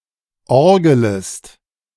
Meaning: second-person singular subjunctive I of orgeln
- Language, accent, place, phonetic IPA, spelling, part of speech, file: German, Germany, Berlin, [ˈɔʁɡələst], orgelest, verb, De-orgelest.ogg